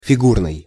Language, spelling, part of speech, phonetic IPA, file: Russian, фигурный, adjective, [fʲɪˈɡurnɨj], Ru-фигурный.ogg
- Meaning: shaped, made in certain shape